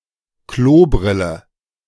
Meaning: toilet seat (hinged, contoured seat with a hole in the middle, often with a hinged cover, of a toilet)
- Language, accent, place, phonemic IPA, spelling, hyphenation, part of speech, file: German, Germany, Berlin, /ˈkloːˌbʁɪlə/, Klobrille, Klo‧bril‧le, noun, De-Klobrille.ogg